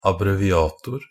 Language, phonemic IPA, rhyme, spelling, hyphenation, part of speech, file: Norwegian Bokmål, /abreʋɪˈɑːtʊr/, -ʊr, abbreviator, ab‧bre‧vi‧a‧tor, noun, NB - Pronunciation of Norwegian Bokmål «abbreviator».ogg